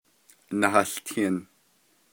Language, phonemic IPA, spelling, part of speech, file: Navajo, /nɑ̀hɑ̀ɬtʰɪ̀n/, nahałtin, verb, Nv-nahałtin.ogg
- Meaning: it is raining, rainy